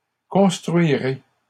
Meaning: first-person singular future of construire
- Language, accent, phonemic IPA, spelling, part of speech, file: French, Canada, /kɔ̃s.tʁɥi.ʁe/, construirai, verb, LL-Q150 (fra)-construirai.wav